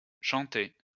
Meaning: third-person singular imperfect indicative of chanter
- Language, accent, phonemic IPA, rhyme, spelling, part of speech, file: French, France, /ʃɑ̃.tɛ/, -ɛ, chantait, verb, LL-Q150 (fra)-chantait.wav